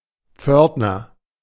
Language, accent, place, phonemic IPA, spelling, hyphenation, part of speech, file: German, Germany, Berlin, /ˈpfœʁtnɐ/, Pförtner, Pfört‧ner, noun, De-Pförtner.ogg
- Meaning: porter, concierge, custodian, doorman, janitor